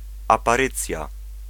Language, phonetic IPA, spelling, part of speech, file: Polish, [ˌapaˈrɨt͡sʲja], aparycja, noun, Pl-aparycja.ogg